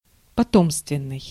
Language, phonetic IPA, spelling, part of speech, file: Russian, [pɐˈtomstvʲɪn(ː)ɨj], потомственный, adjective, Ru-потомственный.ogg
- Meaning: 1. hereditary, ancestral 2. by birth